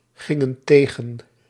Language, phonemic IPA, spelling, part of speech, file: Dutch, /ˈɣɪŋə(n) ˈteɣə(n)/, gingen tegen, verb, Nl-gingen tegen.ogg
- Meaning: inflection of tegengaan: 1. plural past indicative 2. plural past subjunctive